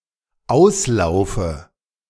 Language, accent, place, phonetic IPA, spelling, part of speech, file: German, Germany, Berlin, [ˈaʊ̯sˌlaʊ̯fə], auslaufe, verb, De-auslaufe.ogg
- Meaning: inflection of auslaufen: 1. first-person singular dependent present 2. first/third-person singular dependent subjunctive I